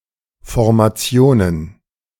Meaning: plural of Formation
- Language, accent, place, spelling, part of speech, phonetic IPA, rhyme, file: German, Germany, Berlin, Formationen, noun, [fɔʁmaˈt͡si̯oːnən], -oːnən, De-Formationen.ogg